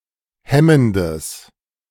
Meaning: strong/mixed nominative/accusative neuter singular of hemmend
- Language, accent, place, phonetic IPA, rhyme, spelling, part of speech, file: German, Germany, Berlin, [ˈhɛməndəs], -ɛməndəs, hemmendes, adjective, De-hemmendes.ogg